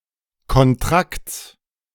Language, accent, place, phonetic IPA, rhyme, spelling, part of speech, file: German, Germany, Berlin, [kɔnˈtʁakt͡s], -akt͡s, Kontrakts, noun, De-Kontrakts.ogg
- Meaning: genitive of Kontrakt